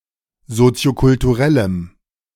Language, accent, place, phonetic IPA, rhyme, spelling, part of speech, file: German, Germany, Berlin, [ˌzot͡si̯okʊltuˈʁɛləm], -ɛləm, soziokulturellem, adjective, De-soziokulturellem.ogg
- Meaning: strong dative masculine/neuter singular of soziokulturell